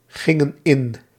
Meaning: inflection of ingaan: 1. plural past indicative 2. plural past subjunctive
- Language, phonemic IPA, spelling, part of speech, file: Dutch, /ˈɣɪŋə(n) ˈɪn/, gingen in, verb, Nl-gingen in.ogg